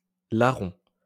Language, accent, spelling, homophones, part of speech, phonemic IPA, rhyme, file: French, France, larron, larrons, noun, /la.ʁɔ̃/, -ɔ̃, LL-Q150 (fra)-larron.wav
- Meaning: thief